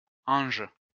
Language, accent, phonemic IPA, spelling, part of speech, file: French, France, /ɑ̃ʒ/, Ange, proper noun, LL-Q150 (fra)-Ange.wav
- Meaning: a male or female given name, also used in compound names like Marie-Ange